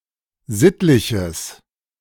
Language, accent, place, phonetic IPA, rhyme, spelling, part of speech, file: German, Germany, Berlin, [ˈzɪtlɪçəs], -ɪtlɪçəs, sittliches, adjective, De-sittliches.ogg
- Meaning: strong/mixed nominative/accusative neuter singular of sittlich